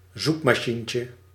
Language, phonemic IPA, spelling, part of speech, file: Dutch, /ˈzukmɑˌʃiɲcə/, zoekmachientje, noun, Nl-zoekmachientje.ogg
- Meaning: diminutive of zoekmachine